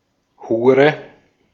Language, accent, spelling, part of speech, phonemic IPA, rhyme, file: German, Austria, Hure, noun, /ˈhuːʁə/, -uːʁə, De-at-Hure.ogg
- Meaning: 1. whore (female prostitute) 2. whore; slut (sexually unreserved woman); fornicatrix, fornicator (female)